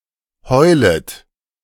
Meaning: second-person plural subjunctive I of heulen
- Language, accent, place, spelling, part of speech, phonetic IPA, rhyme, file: German, Germany, Berlin, heulet, verb, [ˈhɔɪ̯lət], -ɔɪ̯lət, De-heulet.ogg